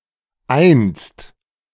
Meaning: 1. once, formerly (a long time ago) 2. one day, at one point (sometime in the far future) 3. once, a single time (a single repetition)
- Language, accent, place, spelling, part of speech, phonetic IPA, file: German, Germany, Berlin, einst, adverb, [ʔaɪ̯nst], De-einst.ogg